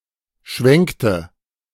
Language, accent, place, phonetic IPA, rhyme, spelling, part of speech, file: German, Germany, Berlin, [ˈʃvɛŋktə], -ɛŋktə, schwenkte, verb, De-schwenkte.ogg
- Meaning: inflection of schwenken: 1. first/third-person singular preterite 2. first/third-person singular subjunctive II